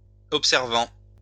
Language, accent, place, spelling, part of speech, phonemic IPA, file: French, France, Lyon, observant, verb, /ɔp.sɛʁ.vɑ̃/, LL-Q150 (fra)-observant.wav
- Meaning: present participle of observer